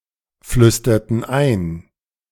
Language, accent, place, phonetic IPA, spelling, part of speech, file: German, Germany, Berlin, [ˌflʏstɐtn̩ ˈaɪ̯n], flüsterten ein, verb, De-flüsterten ein.ogg
- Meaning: inflection of einflüstern: 1. first/third-person plural preterite 2. first/third-person plural subjunctive II